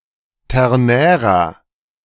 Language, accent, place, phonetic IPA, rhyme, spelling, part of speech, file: German, Germany, Berlin, [ˌtɛʁˈnɛːʁɐ], -ɛːʁɐ, ternärer, adjective, De-ternärer.ogg
- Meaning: inflection of ternär: 1. strong/mixed nominative masculine singular 2. strong genitive/dative feminine singular 3. strong genitive plural